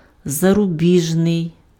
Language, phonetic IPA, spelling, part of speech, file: Ukrainian, [zɐrʊˈbʲiʒnei̯], зарубіжний, adjective, Uk-зарубіжний.ogg
- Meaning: foreign (relating to places abroad, beyond the borders of one's own country)